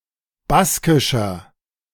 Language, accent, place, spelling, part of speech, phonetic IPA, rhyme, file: German, Germany, Berlin, baskischer, adjective, [ˈbaskɪʃɐ], -askɪʃɐ, De-baskischer.ogg
- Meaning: 1. comparative degree of baskisch 2. inflection of baskisch: strong/mixed nominative masculine singular 3. inflection of baskisch: strong genitive/dative feminine singular